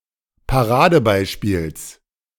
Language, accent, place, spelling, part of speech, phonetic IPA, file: German, Germany, Berlin, Paradebeispiels, noun, [paˈʁaːdəˌbaɪ̯ʃpiːls], De-Paradebeispiels.ogg
- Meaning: genitive singular of Paradebeispiel